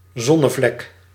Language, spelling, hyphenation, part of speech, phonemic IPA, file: Dutch, zonnevlek, zon‧ne‧vlek, noun, /ˈzɔ.nəˌvlɛk/, Nl-zonnevlek.ogg
- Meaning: sunspot